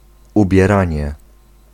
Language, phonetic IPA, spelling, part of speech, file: Polish, [ˌubʲjɛˈrãɲɛ], ubieranie, noun, Pl-ubieranie.ogg